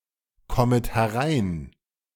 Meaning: second-person plural subjunctive I of hereinkommen
- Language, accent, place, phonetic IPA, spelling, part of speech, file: German, Germany, Berlin, [ˌkɔmət hɛˈʁaɪ̯n], kommet herein, verb, De-kommet herein.ogg